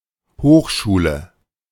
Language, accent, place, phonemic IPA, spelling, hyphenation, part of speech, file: German, Germany, Berlin, /ˈhoːxˌʃuːlə/, Hochschule, Hoch‧schu‧le, noun, De-Hochschule.ogg
- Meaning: college; university; graduate school; institute; academy (educational institution for advanced studies, usually academic, but also arts, etc.)